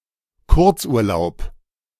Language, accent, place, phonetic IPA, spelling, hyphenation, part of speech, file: German, Germany, Berlin, [ˈkʊʁt͡sʔuːɐ̯ˌlaʊ̯p], Kurzurlaub, Kurz‧ur‧laub, noun, De-Kurzurlaub.ogg
- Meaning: short vacation